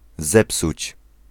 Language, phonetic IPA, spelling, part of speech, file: Polish, [ˈzɛpsut͡ɕ], zepsuć, verb, Pl-zepsuć.ogg